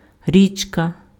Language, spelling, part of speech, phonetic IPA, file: Ukrainian, річка, noun, [ˈrʲit͡ʃkɐ], Uk-річка.ogg
- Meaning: river